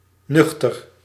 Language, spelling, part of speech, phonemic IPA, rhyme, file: Dutch, nuchter, adjective / adverb, /ˈnʏx.tər/, -ʏxtər, Nl-nuchter.ogg
- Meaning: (adjective) 1. empty 2. having neither eaten nor drunk anything 3. sober, not drunk 4. level-headed, prosaic, matter of fact 5. newborn; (adverb) matter-of-factly